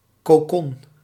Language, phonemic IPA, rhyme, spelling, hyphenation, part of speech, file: Dutch, /koːˈkɔn/, -ɔn, cocon, co‧con, noun, Nl-cocon.ogg
- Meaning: cocoon